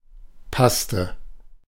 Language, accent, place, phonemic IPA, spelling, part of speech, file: German, Germany, Berlin, /ˈpastə/, Paste, noun, De-Paste.ogg
- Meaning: paste (a soft mixture)